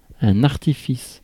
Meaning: 1. artifice, trick, ploy 2. device
- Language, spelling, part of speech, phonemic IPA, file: French, artifice, noun, /aʁ.ti.fis/, Fr-artifice.ogg